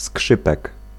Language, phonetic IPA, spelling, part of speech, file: Polish, [ˈskʃɨpɛk], skrzypek, noun, Pl-skrzypek.ogg